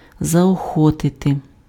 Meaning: to encourage, to spur on, to stimulate
- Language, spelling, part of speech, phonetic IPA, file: Ukrainian, заохотити, verb, [zɐɔˈxɔtete], Uk-заохотити.ogg